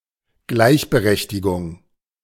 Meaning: equality (equal rights or status)
- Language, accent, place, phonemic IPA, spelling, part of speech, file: German, Germany, Berlin, /ˈɡlaɪ̯çbəˌʁɛçtɪɡʊŋ/, Gleichberechtigung, noun, De-Gleichberechtigung.ogg